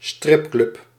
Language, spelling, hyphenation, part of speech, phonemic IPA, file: Dutch, stripclub, strip‧club, noun, /ˈstrɪp.klʏp/, Nl-stripclub.ogg
- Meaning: strip club